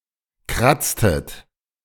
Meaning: inflection of kratzen: 1. second-person plural preterite 2. second-person plural subjunctive II
- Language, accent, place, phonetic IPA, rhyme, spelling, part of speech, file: German, Germany, Berlin, [ˈkʁat͡stət], -at͡stət, kratztet, verb, De-kratztet.ogg